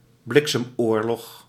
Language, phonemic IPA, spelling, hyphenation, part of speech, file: Dutch, /ˈblɪk.səmˌoːr.lɔx/, bliksemoorlog, blik‧sem‧oor‧log, noun, Nl-bliksemoorlog.ogg
- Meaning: blitzkrieg